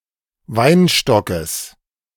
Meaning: genitive singular of Weinstock
- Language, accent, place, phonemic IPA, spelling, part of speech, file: German, Germany, Berlin, /ˈvaɪnʃtɔkəs/, Weinstockes, noun, De-Weinstockes.ogg